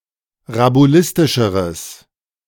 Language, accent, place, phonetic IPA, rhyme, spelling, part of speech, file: German, Germany, Berlin, [ʁabuˈlɪstɪʃəʁəs], -ɪstɪʃəʁəs, rabulistischeres, adjective, De-rabulistischeres.ogg
- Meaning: strong/mixed nominative/accusative neuter singular comparative degree of rabulistisch